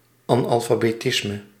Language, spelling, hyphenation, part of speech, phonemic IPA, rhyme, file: Dutch, analfabetisme, an‧al‧fa‧be‧tis‧me, noun, /ˌɑn.ɑl.faː.beːˈtɪs.mə/, -ɪsmə, Nl-analfabetisme.ogg
- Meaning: illiteracy